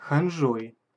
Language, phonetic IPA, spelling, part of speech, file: Russian, [xɐnˈʐoj], ханжой, noun, Ru-ханжой.ogg
- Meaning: instrumental singular of ханжа́ (xanžá)